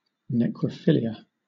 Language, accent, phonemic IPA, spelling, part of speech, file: English, Southern England, /ˌnɛkɹə(ʊ)ˈfɪlɪə/, necrophilia, noun, LL-Q1860 (eng)-necrophilia.wav
- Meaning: 1. A pathological attraction to dead bodies 2. Sexual activity with corpses 3. A pathological fascination with death